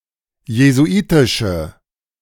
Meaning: inflection of jesuitisch: 1. strong/mixed nominative/accusative feminine singular 2. strong nominative/accusative plural 3. weak nominative all-gender singular
- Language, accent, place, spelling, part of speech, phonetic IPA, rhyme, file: German, Germany, Berlin, jesuitische, adjective, [jezuˈʔiːtɪʃə], -iːtɪʃə, De-jesuitische.ogg